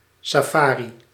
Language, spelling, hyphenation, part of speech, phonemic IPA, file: Dutch, safari, sa‧fa‧ri, noun, /saːˈfaː.ri/, Nl-safari.ogg
- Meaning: safari